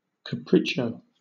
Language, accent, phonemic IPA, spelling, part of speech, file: English, Southern England, /kəˈpɹiːt͡ʃoʊ/, capriccio, noun, LL-Q1860 (eng)-capriccio.wav
- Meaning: 1. A sudden and unexpected or fantastic motion; a caper; a gambol; a prank, a trick 2. A fantastical thing or work